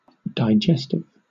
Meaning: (adjective) 1. Of, relating to, or functioning in digestion 2. That causes or promotes digestion; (noun) 1. A substance that aids digestion 2. A digestive biscuit
- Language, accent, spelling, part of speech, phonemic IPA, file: English, Southern England, digestive, adjective / noun, /daɪˈdʒɛstɪv/, LL-Q1860 (eng)-digestive.wav